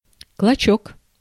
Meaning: wisp, scrap
- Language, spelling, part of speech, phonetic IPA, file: Russian, клочок, noun, [kɫɐˈt͡ɕɵk], Ru-клочок.ogg